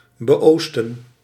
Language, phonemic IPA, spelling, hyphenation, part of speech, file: Dutch, /bəˈoːs.tə(n)/, beoosten, be‧oos‧ten, preposition, Nl-beoosten.ogg
- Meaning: to the east of